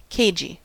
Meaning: 1. Wary, careful, shrewd 2. Uncommunicative; unwilling or hesitant to give information
- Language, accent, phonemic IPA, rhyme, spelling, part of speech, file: English, US, /ˈkeɪd͡ʒi/, -eɪdʒi, cagey, adjective, En-us-cagey.ogg